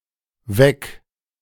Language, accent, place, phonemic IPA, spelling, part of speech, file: German, Germany, Berlin, /vɛk/, Weck, noun, De-Weck.ogg
- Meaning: bread roll